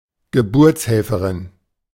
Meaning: midwife (accoucheuse), obstetrician (female)
- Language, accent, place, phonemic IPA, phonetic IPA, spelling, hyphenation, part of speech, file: German, Germany, Berlin, /ɡəˈbʊrt͡shɛlfərɪn/, [ɡəˈbʊɐ̯t͡shɛlfəʁɪn], Geburtshelferin, Ge‧burts‧hel‧fe‧rin, noun, De-Geburtshelferin.ogg